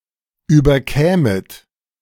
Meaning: second-person plural subjunctive II of überkommen
- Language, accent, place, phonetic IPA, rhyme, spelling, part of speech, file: German, Germany, Berlin, [ˌyːbɐˈkɛːmət], -ɛːmət, überkämet, verb, De-überkämet.ogg